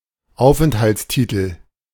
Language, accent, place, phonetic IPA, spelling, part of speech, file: German, Germany, Berlin, [ˈaʊ̯fʔɛnthaltsˌtiːtl], Aufenthaltstitel, noun, De-Aufenthaltstitel.ogg
- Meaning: residence permit ("Aufenthaltstitel" has been the official designation of a residence permit in Germany since 2005.)